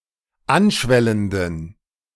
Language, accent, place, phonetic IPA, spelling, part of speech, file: German, Germany, Berlin, [ˈanˌʃvɛləndn̩], anschwellenden, adjective, De-anschwellenden.ogg
- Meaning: inflection of anschwellend: 1. strong genitive masculine/neuter singular 2. weak/mixed genitive/dative all-gender singular 3. strong/weak/mixed accusative masculine singular 4. strong dative plural